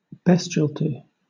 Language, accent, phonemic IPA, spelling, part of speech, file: English, Southern England, /ˈbɛstʃəlˌlɪtɪ/, bestiality, noun, LL-Q1860 (eng)-bestiality.wav
- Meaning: 1. Sexual activity between a human and another animal species 2. Bestial nature, savagery, inhumanity, like (or akin to) an animal's 3. Any abstract entity similar to a beast